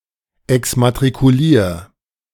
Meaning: 1. singular imperative of exmatrikulieren 2. first-person singular present of exmatrikulieren
- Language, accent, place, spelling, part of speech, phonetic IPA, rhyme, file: German, Germany, Berlin, exmatrikulier, verb, [ɛksmatʁikuˈliːɐ̯], -iːɐ̯, De-exmatrikulier.ogg